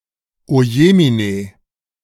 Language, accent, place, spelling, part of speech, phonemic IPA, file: German, Germany, Berlin, ojemine, interjection, /oˈjeː.miˌneː/, De-ojemine.ogg
- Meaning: oh my